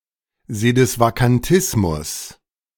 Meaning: sedevacantism
- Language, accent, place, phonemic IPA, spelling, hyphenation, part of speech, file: German, Germany, Berlin, /zedɪsvakanˈtɪsmʊs/, Sedisvakantismus, Se‧dis‧va‧kan‧tis‧mus, noun, De-Sedisvakantismus.ogg